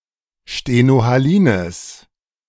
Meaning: strong/mixed nominative/accusative neuter singular of stenohalin
- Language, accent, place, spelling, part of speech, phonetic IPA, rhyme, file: German, Germany, Berlin, stenohalines, adjective, [ʃtenohaˈliːnəs], -iːnəs, De-stenohalines.ogg